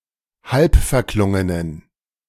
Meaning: inflection of halbverklungen: 1. strong genitive masculine/neuter singular 2. weak/mixed genitive/dative all-gender singular 3. strong/weak/mixed accusative masculine singular 4. strong dative plural
- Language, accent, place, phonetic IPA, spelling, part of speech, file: German, Germany, Berlin, [ˈhalpfɛɐ̯ˌklʊŋənən], halbverklungenen, adjective, De-halbverklungenen.ogg